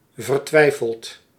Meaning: desperate
- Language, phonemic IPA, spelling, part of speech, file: Dutch, /vərˈtwɛifəlt/, vertwijfeld, adjective / verb, Nl-vertwijfeld.ogg